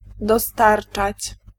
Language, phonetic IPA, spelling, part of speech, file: Polish, [dɔˈstart͡ʃat͡ɕ], dostarczać, verb, Pl-dostarczać.ogg